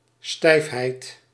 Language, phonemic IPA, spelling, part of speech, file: Dutch, /ˈstɛifhɛit/, stijfheid, noun, Nl-stijfheid.ogg
- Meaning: stiffness